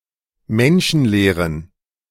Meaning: inflection of menschenleer: 1. strong genitive masculine/neuter singular 2. weak/mixed genitive/dative all-gender singular 3. strong/weak/mixed accusative masculine singular 4. strong dative plural
- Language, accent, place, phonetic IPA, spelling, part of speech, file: German, Germany, Berlin, [ˈmɛnʃn̩ˌleːʁən], menschenleeren, adjective, De-menschenleeren.ogg